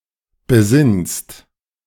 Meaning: second-person singular present of besinnen
- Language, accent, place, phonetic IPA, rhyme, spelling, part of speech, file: German, Germany, Berlin, [bəˈzɪnst], -ɪnst, besinnst, verb, De-besinnst.ogg